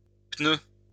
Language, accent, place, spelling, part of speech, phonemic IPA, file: French, France, Lyon, pneus, noun, /pnø/, LL-Q150 (fra)-pneus.wav
- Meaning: plural of pneu